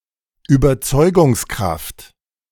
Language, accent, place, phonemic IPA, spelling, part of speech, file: German, Germany, Berlin, /yːbɐˈt͡sɔɪ̯ɡʊŋsˌkʁaft/, Überzeugungskraft, noun, De-Überzeugungskraft.ogg
- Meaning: persuasiveness, persuasive power, power of persuasion, convincingness